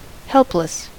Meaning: 1. Unable to defend oneself 2. Lacking help; powerless 3. Unable to act without help; needing help; feeble 4. Uncontrollable 5. From which there is no possibility of being saved
- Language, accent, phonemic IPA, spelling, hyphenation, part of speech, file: English, US, /ˈhɛlplɪs/, helpless, help‧less, adjective, En-us-helpless.ogg